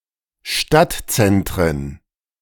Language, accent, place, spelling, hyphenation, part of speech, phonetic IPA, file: German, Germany, Berlin, Stadtzentren, Stadt‧zen‧t‧ren, noun, [ˈʃtatˌt͡sɛntʁən], De-Stadtzentren.ogg
- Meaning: plural of Stadtzentrum